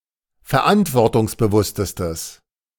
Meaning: strong/mixed nominative/accusative neuter singular superlative degree of verantwortungsbewusst
- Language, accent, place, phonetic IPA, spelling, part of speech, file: German, Germany, Berlin, [fɛɐ̯ˈʔantvɔʁtʊŋsbəˌvʊstəstəs], verantwortungsbewusstestes, adjective, De-verantwortungsbewusstestes.ogg